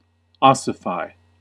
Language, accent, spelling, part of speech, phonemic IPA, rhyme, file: English, US, ossify, verb, /ˈɑ.sə.faɪ/, -aɪ, En-us-ossify.ogg
- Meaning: To transform (or cause to transform) from a softer animal substance into bone; particularly the processes of growth in humans and animals